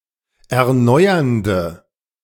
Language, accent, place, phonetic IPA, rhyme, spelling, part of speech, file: German, Germany, Berlin, [ɛɐ̯ˈnɔɪ̯ɐndə], -ɔɪ̯ɐndə, erneuernde, adjective, De-erneuernde.ogg
- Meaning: inflection of erneuernd: 1. strong/mixed nominative/accusative feminine singular 2. strong nominative/accusative plural 3. weak nominative all-gender singular